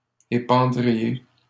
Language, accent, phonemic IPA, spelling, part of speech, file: French, Canada, /e.pɑ̃.dʁi.je/, épandriez, verb, LL-Q150 (fra)-épandriez.wav
- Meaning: second-person plural conditional of épandre